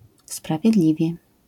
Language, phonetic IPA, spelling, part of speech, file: Polish, [ˌspravʲjɛˈdlʲivʲjɛ], sprawiedliwie, adverb, LL-Q809 (pol)-sprawiedliwie.wav